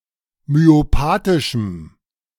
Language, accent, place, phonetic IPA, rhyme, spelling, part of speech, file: German, Germany, Berlin, [myoˈpaːtɪʃm̩], -aːtɪʃm̩, myopathischem, adjective, De-myopathischem.ogg
- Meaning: strong dative masculine/neuter singular of myopathisch